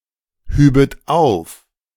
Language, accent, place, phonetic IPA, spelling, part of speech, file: German, Germany, Berlin, [ˌhyːbət ˈaʊ̯f], hübet auf, verb, De-hübet auf.ogg
- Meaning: second-person plural subjunctive II of aufheben